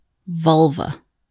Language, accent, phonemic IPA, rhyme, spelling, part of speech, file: English, US, /ˈvʌlvə/, -ʌlvə, vulva, noun, En-us-vulva.ogg
- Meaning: 1. The external female genitalia of humans and other placental mammals, which includes the clitoris, labia, and vulval vestibule/vulvar opening 2. A protrusion on the side of a nematode